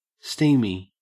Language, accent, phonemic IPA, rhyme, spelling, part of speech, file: English, Australia, /ˈstiː.mi/, -iːmi, steamy, adjective, En-au-steamy.ogg
- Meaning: 1. Warm and humid; full of steam 2. Resembling or characteristic of steam 3. Erotic